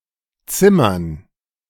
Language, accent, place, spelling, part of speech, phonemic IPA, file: German, Germany, Berlin, zimmern, verb, /ˈtsɪmɐn/, De-zimmern.ogg
- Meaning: 1. to build something from wood 2. to hit; to slap 3. to shoot the ball hard 4. to score with, to bed with, to pick up